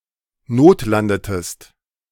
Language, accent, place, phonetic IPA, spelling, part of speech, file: German, Germany, Berlin, [ˈnoːtˌlandətəst], notlandetest, verb, De-notlandetest.ogg
- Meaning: inflection of notlanden: 1. second-person singular preterite 2. second-person singular subjunctive II